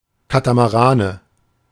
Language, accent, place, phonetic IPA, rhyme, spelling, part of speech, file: German, Germany, Berlin, [ˌkatamaˈʁaːnə], -aːnə, Katamarane, noun, De-Katamarane.ogg
- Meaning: nominative/accusative/genitive plural of Katamaran